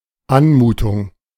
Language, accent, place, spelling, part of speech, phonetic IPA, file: German, Germany, Berlin, Anmutung, noun, [ˈanˌmuːtʊŋ], De-Anmutung.ogg
- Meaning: impression